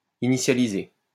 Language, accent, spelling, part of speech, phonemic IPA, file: French, France, initialiser, verb, /i.ni.sja.li.ze/, LL-Q150 (fra)-initialiser.wav
- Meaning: to initialize